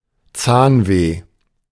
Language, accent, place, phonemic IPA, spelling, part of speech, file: German, Germany, Berlin, /ˈtsaːnˌveː/, Zahnweh, noun, De-Zahnweh.ogg
- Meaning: toothache (ache in a tooth)